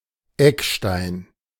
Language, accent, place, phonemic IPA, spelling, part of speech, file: German, Germany, Berlin, /ˈɛkˌʃtaɪ̯n/, Eckstein, noun / proper noun, De-Eckstein.ogg
- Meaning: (noun) 1. cornerstone (literal and figurative, but for the latter more often Eckpfeiler) 2. diamond; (proper noun) a surname